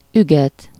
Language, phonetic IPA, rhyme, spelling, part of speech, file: Hungarian, [ˈyɡɛt], -ɛt, üget, verb, Hu-üget.ogg
- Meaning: to trot (to move at a gait between a walk and a canter)